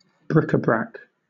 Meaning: 1. Small ornaments and other miscellaneous display items of little value 2. Any collection containing a variety of miscellaneous items; a hodgepodge, an olio
- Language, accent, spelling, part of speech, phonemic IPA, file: English, Southern England, bric-a-brac, noun, /ˈbɹɪkəbɹæk/, LL-Q1860 (eng)-bric-a-brac.wav